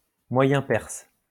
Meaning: Middle Persian
- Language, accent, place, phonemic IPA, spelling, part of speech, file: French, France, Lyon, /mwa.jɛ̃ pɛʁs/, moyen perse, noun, LL-Q150 (fra)-moyen perse.wav